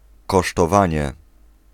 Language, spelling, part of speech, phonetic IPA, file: Polish, kosztowanie, noun, [ˌkɔʃtɔˈvãɲɛ], Pl-kosztowanie.ogg